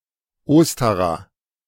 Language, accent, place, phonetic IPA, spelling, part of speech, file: German, Germany, Berlin, [ˈoːstaʁa], Ostara, noun, De-Ostara.ogg
- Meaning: goddess of Spring